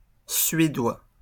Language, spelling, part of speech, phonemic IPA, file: French, suédois, noun / adjective, /sɥe.dwa/, LL-Q150 (fra)-suédois.wav
- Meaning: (noun) Swedish, the Swedish language; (adjective) Swedish